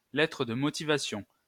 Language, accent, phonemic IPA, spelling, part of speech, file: French, France, /lɛ.tʁə d(ə) mɔ.ti.va.sjɔ̃/, lettre de motivation, noun, LL-Q150 (fra)-lettre de motivation.wav
- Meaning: cover letter (letter in a job application where one expounds the reasons why one is interested in the job being advertised)